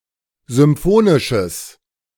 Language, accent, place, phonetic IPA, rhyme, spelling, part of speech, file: German, Germany, Berlin, [zʏmˈfoːnɪʃəs], -oːnɪʃəs, symphonisches, adjective, De-symphonisches.ogg
- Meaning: strong/mixed nominative/accusative neuter singular of symphonisch